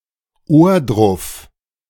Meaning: a small town in Thuringia
- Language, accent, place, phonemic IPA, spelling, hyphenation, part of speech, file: German, Germany, Berlin, /ˈoːɐ̯dʁʊf/, Ohrdruf, Ohr‧druf, proper noun, De-Ohrdruf.ogg